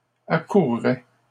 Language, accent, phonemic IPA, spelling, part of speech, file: French, Canada, /a.kuʁ.ʁɛ/, accourrais, verb, LL-Q150 (fra)-accourrais.wav
- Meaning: first/second-person singular conditional of accourir